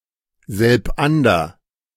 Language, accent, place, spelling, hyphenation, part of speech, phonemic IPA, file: German, Germany, Berlin, selbander, selb‧an‧der, adverb, /zɛlpˈʔandɐ/, De-selbander.ogg
- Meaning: two together